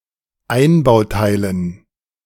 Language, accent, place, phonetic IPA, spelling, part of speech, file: German, Germany, Berlin, [ˈaɪ̯nbaʊ̯ˌtaɪ̯lən], Einbauteilen, noun, De-Einbauteilen.ogg
- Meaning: dative plural of Einbauteil